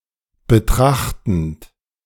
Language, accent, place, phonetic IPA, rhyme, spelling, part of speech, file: German, Germany, Berlin, [bəˈtʁaxtn̩t], -axtn̩t, betrachtend, verb, De-betrachtend.ogg
- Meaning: present participle of betrachten